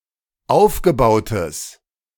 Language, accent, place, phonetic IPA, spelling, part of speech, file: German, Germany, Berlin, [ˈaʊ̯fɡəˌbaʊ̯təs], aufgebautes, adjective, De-aufgebautes.ogg
- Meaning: strong/mixed nominative/accusative neuter singular of aufgebaut